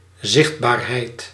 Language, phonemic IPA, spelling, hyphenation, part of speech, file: Dutch, /ˈzɪxt.baːrˌɦɛi̯t/, zichtbaarheid, zicht‧baar‧heid, noun, Nl-zichtbaarheid.ogg
- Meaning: visibility